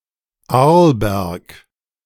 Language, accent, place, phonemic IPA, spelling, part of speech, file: German, Germany, Berlin, /ˈaʁlˌbɛʁk/, Arlberg, proper noun, De-Arlberg.ogg